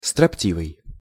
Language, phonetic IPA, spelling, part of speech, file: Russian, [strɐpˈtʲivɨj], строптивый, adjective, Ru-строптивый.ogg
- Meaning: obstinate, obdurate, refractory